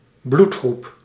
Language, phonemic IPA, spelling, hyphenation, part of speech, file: Dutch, /ˈblut.xrup/, bloedgroep, bloed‧groep, noun, Nl-bloedgroep.ogg
- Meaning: 1. blood type 2. background, especially in an organisation that is the result of a merger